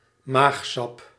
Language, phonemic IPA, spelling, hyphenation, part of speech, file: Dutch, /ˈmaːx.sɑp/, maagsap, maag‧sap, noun, Nl-maagsap.ogg
- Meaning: stomach juice